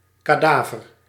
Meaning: 1. animal corpse 2. corpse, cadaver
- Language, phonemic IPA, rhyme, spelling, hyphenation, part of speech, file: Dutch, /ˌkaːˈdaː.vər/, -aːvər, kadaver, ka‧da‧ver, noun, Nl-kadaver.ogg